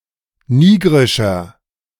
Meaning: inflection of nigrisch: 1. strong/mixed nominative masculine singular 2. strong genitive/dative feminine singular 3. strong genitive plural
- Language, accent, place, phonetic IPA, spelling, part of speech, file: German, Germany, Berlin, [ˈniːɡʁɪʃɐ], nigrischer, adjective, De-nigrischer.ogg